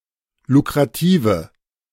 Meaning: inflection of lukrativ: 1. strong/mixed nominative/accusative feminine singular 2. strong nominative/accusative plural 3. weak nominative all-gender singular
- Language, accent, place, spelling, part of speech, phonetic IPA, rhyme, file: German, Germany, Berlin, lukrative, adjective, [lukʁaˈtiːvə], -iːvə, De-lukrative.ogg